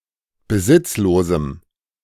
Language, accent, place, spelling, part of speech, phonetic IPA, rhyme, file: German, Germany, Berlin, besitzlosem, adjective, [bəˈzɪt͡sloːzm̩], -ɪt͡sloːzm̩, De-besitzlosem.ogg
- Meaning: strong dative masculine/neuter singular of besitzlos